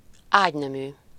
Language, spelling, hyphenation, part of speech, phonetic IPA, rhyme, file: Hungarian, ágynemű, ágy‧ne‧mű, noun, [ˈaːɟnɛmyː], -myː, Hu-ágynemű.ogg
- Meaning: 1. bedclothes, bedding (the textiles and items associated with a bed, e.g. sheets, pillows and blankets) 2. bedlinen